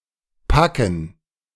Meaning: 1. pack, bunch, bundle, stack 2. gerund of packen
- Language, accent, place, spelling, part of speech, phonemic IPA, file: German, Germany, Berlin, Packen, noun, /ˈpakən/, De-Packen.ogg